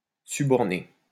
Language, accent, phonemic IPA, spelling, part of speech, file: French, France, /sy.bɔʁ.ne/, suborner, verb, LL-Q150 (fra)-suborner.wav
- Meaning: 1. to suborn 2. to bribe